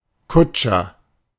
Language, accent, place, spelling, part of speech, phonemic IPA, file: German, Germany, Berlin, Kutscher, noun, /ˈkʊtʃɐ/, De-Kutscher.ogg
- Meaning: coachman (male or of unspecified gender)